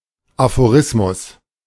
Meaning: aphorism
- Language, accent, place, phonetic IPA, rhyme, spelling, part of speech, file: German, Germany, Berlin, [afoˈʁɪsmʊs], -ɪsmʊs, Aphorismus, noun, De-Aphorismus.ogg